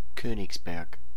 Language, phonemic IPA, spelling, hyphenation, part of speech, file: German, /ˈkøːnɪçsˌbɛɐ̯k/, Königsberg, Kö‧nigs‧berg, proper noun, De-Königsberg.ogg
- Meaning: Königsberg (the former capital of East Prussia), now known as Kaliningrad